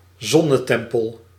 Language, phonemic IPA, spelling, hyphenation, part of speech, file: Dutch, /ˈzɔ.nəˌtɛm.pəl/, zonnetempel, zon‧ne‧tem‧pel, noun, Nl-zonnetempel.ogg
- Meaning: sun temple